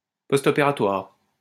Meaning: postoperative
- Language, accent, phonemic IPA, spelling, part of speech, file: French, France, /pɔs.tɔ.pe.ʁa.twaʁ/, postopératoire, adjective, LL-Q150 (fra)-postopératoire.wav